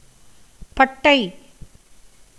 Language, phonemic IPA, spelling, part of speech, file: Tamil, /pɐʈːɐɪ̯/, பட்டை, noun, Ta-பட்டை.ogg
- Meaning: 1. treebark 2. cinnamon 3. plate, slab, tablet 4. painted stripe (as on a temple wall) 5. frieze 6. flatness